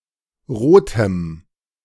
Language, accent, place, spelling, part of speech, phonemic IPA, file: German, Germany, Berlin, rotem, adjective, /ˈʁoːtəm/, De-rotem.ogg
- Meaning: strong dative masculine/neuter singular of rot